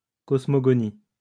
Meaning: cosmogony
- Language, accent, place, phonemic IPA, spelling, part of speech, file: French, France, Lyon, /kɔs.mɔ.ɡɔ.ni/, cosmogonie, noun, LL-Q150 (fra)-cosmogonie.wav